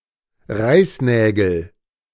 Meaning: nominative/accusative/genitive plural of Reißnagel
- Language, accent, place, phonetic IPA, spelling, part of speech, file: German, Germany, Berlin, [ˈʁaɪ̯sˌnɛːɡl̩], Reißnägel, noun, De-Reißnägel.ogg